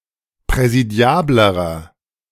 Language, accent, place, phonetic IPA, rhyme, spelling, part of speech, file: German, Germany, Berlin, [pʁɛziˈdi̯aːbləʁɐ], -aːbləʁɐ, präsidiablerer, adjective, De-präsidiablerer.ogg
- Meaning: inflection of präsidiabel: 1. strong/mixed nominative masculine singular comparative degree 2. strong genitive/dative feminine singular comparative degree 3. strong genitive plural comparative degree